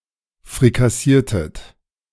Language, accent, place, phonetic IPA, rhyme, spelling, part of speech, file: German, Germany, Berlin, [fʁikaˈsiːɐ̯tət], -iːɐ̯tət, frikassiertet, verb, De-frikassiertet.ogg
- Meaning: inflection of frikassieren: 1. second-person plural preterite 2. second-person plural subjunctive II